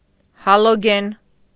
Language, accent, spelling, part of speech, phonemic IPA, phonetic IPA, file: Armenian, Eastern Armenian, հալոգեն, noun, /hɑloˈɡen/, [hɑloɡén], Hy-հալոգեն.ogg
- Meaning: halogen